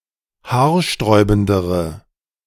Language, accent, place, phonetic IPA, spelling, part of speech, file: German, Germany, Berlin, [ˈhaːɐ̯ˌʃtʁɔɪ̯bn̩dəʁə], haarsträubendere, adjective, De-haarsträubendere.ogg
- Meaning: inflection of haarsträubend: 1. strong/mixed nominative/accusative feminine singular comparative degree 2. strong nominative/accusative plural comparative degree